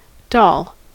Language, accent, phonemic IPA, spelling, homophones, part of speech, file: English, US, /dɑl/, doll, dol / dahl, noun / verb, En-us-doll.ogg
- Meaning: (noun) 1. A small figure resembling a human being that is used as a toy 2. An attractive young woman